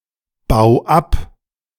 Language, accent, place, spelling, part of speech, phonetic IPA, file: German, Germany, Berlin, bau ab, verb, [ˌbaʊ̯ ˈap], De-bau ab.ogg
- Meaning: 1. singular imperative of abbauen 2. first-person singular present of abbauen